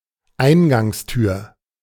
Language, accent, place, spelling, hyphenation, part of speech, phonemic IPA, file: German, Germany, Berlin, Eingangstür, Ein‧gangs‧tür, noun, /ˈaɪ̯nɡaŋsˌtyːɐ̯/, De-Eingangstür.ogg
- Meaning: entrance door